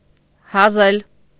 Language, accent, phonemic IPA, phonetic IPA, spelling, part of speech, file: Armenian, Eastern Armenian, /hɑˈzel/, [hɑzél], հազել, verb, Hy-հազել.ogg
- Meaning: to immolate, offer up, sacrifice to idols